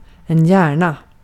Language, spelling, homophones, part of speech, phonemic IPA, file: Swedish, hjärna, gärna / Järna, noun, /²jɛːɳa/, Sv-hjärna.ogg
- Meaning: 1. a brain 2. a brain; someone who provides the intelligence for something